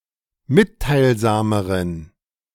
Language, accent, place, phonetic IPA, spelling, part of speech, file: German, Germany, Berlin, [ˈmɪttaɪ̯lˌzaːməʁən], mitteilsameren, adjective, De-mitteilsameren.ogg
- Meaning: inflection of mitteilsam: 1. strong genitive masculine/neuter singular comparative degree 2. weak/mixed genitive/dative all-gender singular comparative degree